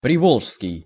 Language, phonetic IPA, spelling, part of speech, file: Russian, [prʲɪˈvoɫʂskʲɪj], приволжский, adjective, Ru-приволжский.ogg
- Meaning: Volga region, area near the Volga river